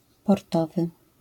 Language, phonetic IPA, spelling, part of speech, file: Polish, [pɔrˈtɔvɨ], portowy, adjective, LL-Q809 (pol)-portowy.wav